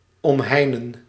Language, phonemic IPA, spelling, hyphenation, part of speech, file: Dutch, /ˌɔmˈɦɛi̯.nə(n)/, omheinen, om‧hei‧nen, verb, Nl-omheinen.ogg
- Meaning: to enclose